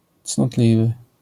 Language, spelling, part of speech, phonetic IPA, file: Polish, cnotliwy, adjective, [t͡snɔˈtlʲivɨ], LL-Q809 (pol)-cnotliwy.wav